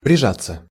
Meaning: 1. to press oneself (to), to nestle up (to), to snuggle up (to), to cuddle up (to) 2. passive of прижа́ть (prižátʹ)
- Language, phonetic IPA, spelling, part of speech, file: Russian, [prʲɪˈʐat͡sːə], прижаться, verb, Ru-прижаться.ogg